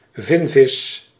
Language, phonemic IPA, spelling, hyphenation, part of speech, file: Dutch, /ˈvɪn.vɪs/, vinvis, vin‧vis, noun, Nl-vinvis.ogg
- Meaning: 1. any cetacean of the family Balaenopteridae, rorqual 2. the fin whale (Balaenoptera physalus)